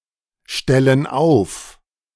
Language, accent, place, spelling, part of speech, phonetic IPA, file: German, Germany, Berlin, stellen auf, verb, [ˌʃtɛlən ˈaʊ̯f], De-stellen auf.ogg
- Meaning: inflection of aufstellen: 1. first/third-person plural present 2. first/third-person plural subjunctive I